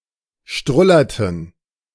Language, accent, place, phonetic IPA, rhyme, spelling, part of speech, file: German, Germany, Berlin, [ˈʃtʁʊlɐtn̩], -ʊlɐtn̩, strullerten, verb, De-strullerten.ogg
- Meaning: inflection of strullern: 1. first/third-person plural preterite 2. first/third-person plural subjunctive II